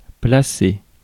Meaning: 1. to place (to put in a specific location) 2. to seat (to put an object into a place where it will rest) 3. to place (to earn a given spot in a competition)
- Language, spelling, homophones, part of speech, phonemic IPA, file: French, placer, placé / placés / placée / placées / placez / plaçai, verb, /pla.se/, Fr-placer.ogg